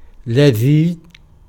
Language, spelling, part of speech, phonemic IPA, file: Arabic, لذيذ, adjective, /la.ðiːð/, Ar-لذيذ.ogg
- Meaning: 1. tasty, delicious 2. pleasant 3. beautiful